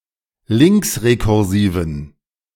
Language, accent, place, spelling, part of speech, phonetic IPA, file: German, Germany, Berlin, linksrekursiven, adjective, [ˈlɪŋksʁekʊʁˌziːvən], De-linksrekursiven.ogg
- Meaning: inflection of linksrekursiv: 1. strong genitive masculine/neuter singular 2. weak/mixed genitive/dative all-gender singular 3. strong/weak/mixed accusative masculine singular 4. strong dative plural